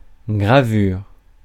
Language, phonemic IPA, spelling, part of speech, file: French, /ɡʁa.vyʁ/, gravure, noun, Fr-gravure.ogg
- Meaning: 1. engraving 2. burning (optical disc) 3. a printing method using as printing form an engraved cylinder